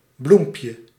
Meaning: diminutive of bloem
- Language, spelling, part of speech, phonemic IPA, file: Dutch, bloempje, noun, /ˈblumpjə/, Nl-bloempje.ogg